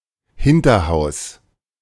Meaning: 1. building with no direct stress access 2. annex at the back of a house
- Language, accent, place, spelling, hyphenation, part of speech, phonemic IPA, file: German, Germany, Berlin, Hinterhaus, Hin‧ter‧haus, noun, /ˈhɪntɐˌhaʊ̯s/, De-Hinterhaus.ogg